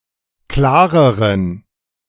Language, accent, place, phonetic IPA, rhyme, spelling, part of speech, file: German, Germany, Berlin, [ˈklaːʁəʁən], -aːʁəʁən, klareren, adjective, De-klareren.ogg
- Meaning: inflection of klar: 1. strong genitive masculine/neuter singular comparative degree 2. weak/mixed genitive/dative all-gender singular comparative degree